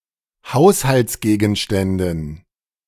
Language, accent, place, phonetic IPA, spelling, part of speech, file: German, Germany, Berlin, [ˈhaʊ̯shalt͡sˌɡeːɡn̩ʃtɛndn̩], Haushaltsgegenständen, noun, De-Haushaltsgegenständen.ogg
- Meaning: dative plural of Haushaltsgegenstand